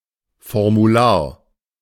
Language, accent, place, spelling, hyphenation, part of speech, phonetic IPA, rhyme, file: German, Germany, Berlin, Formular, For‧mu‧lar, noun, [fɔʁmuˈlaːɐ̯], -aːɐ̯, De-Formular.ogg
- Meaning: form (document to be filled)